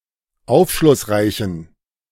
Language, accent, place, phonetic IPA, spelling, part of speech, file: German, Germany, Berlin, [ˈaʊ̯fʃlʊsˌʁaɪ̯çn̩], aufschlussreichen, adjective, De-aufschlussreichen.ogg
- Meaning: inflection of aufschlussreich: 1. strong genitive masculine/neuter singular 2. weak/mixed genitive/dative all-gender singular 3. strong/weak/mixed accusative masculine singular 4. strong dative plural